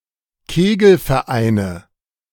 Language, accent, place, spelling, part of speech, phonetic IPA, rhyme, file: German, Germany, Berlin, Kegelvereine, noun, [ˈkeːɡl̩fɛɐ̯ˌʔaɪ̯nə], -eːɡl̩fɛɐ̯ʔaɪ̯nə, De-Kegelvereine.ogg
- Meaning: nominative/accusative/genitive plural of Kegelverein